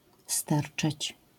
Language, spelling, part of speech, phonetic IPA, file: Polish, sterczeć, verb, [ˈstɛrt͡ʃɛt͡ɕ], LL-Q809 (pol)-sterczeć.wav